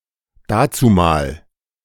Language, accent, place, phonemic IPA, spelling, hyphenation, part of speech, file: German, Germany, Berlin, /ˈdaːt͡suˌmaːl/, dazumal, da‧zu‧mal, adverb, De-dazumal.ogg
- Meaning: then, in those days, in the olden days